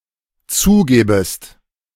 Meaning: second-person singular dependent subjunctive I of zugeben
- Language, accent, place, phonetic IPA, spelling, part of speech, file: German, Germany, Berlin, [ˈt͡suːˌɡeːbəst], zugebest, verb, De-zugebest.ogg